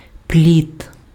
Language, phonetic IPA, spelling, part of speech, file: Ukrainian, [plʲit], пліт, noun, Uk-пліт.ogg
- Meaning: 1. wattle (fence woven from branches) 2. raft